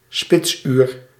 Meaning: peak hour, rush hour
- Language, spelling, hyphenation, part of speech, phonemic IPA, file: Dutch, spitsuur, spits‧uur, noun, /ˈspɪts.yːr/, Nl-spitsuur.ogg